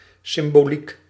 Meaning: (noun) 1. symbolism 2. the theological study of symbolism; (adjective) symbolic
- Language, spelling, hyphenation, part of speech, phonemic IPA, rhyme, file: Dutch, symboliek, sym‧bo‧liek, noun / adjective, /ˌsɪm.boːˈlik/, -ik, Nl-symboliek.ogg